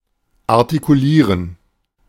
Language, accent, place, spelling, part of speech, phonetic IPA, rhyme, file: German, Germany, Berlin, artikulieren, verb, [aʁtikuˈliːʁən], -iːʁən, De-artikulieren.ogg
- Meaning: to articulate (to clarify)